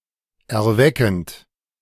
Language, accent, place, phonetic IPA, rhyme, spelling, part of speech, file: German, Germany, Berlin, [ɛɐ̯ˈvɛkn̩t], -ɛkn̩t, erweckend, verb, De-erweckend.ogg
- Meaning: present participle of erwecken